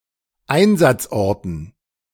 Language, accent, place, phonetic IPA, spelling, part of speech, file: German, Germany, Berlin, [ˈaɪ̯nzat͡sˌʔɔʁtn̩], Einsatzorten, noun, De-Einsatzorten.ogg
- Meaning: dative plural of Einsatzort